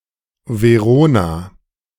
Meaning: a female given name
- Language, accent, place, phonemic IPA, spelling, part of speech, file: German, Germany, Berlin, /veˈʁoːna/, Verona, proper noun, De-Verona.ogg